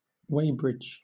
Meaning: A town in Elmbridge borough, Surrey, England (OS grid ref TQ0764)
- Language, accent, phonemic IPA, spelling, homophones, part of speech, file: English, Southern England, /ˈweɪbɹɪd͡ʒ/, Weybridge, weighbridge, proper noun, LL-Q1860 (eng)-Weybridge.wav